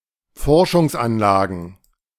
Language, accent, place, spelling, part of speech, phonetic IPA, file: German, Germany, Berlin, Forschungsanlagen, noun, [ˈfɔʁʃʊŋsˌʔanlaːɡn̩], De-Forschungsanlagen.ogg
- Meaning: plural of Forschungsanlage